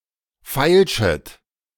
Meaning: second-person plural subjunctive I of feilschen
- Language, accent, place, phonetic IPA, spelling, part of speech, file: German, Germany, Berlin, [ˈfaɪ̯lʃət], feilschet, verb, De-feilschet.ogg